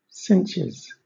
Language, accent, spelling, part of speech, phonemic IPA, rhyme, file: English, Southern England, cinches, noun / verb, /ˈsɪntʃɪz/, -ɪntʃɪz, LL-Q1860 (eng)-cinches.wav
- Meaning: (noun) plural of cinch; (verb) third-person singular simple present indicative of cinch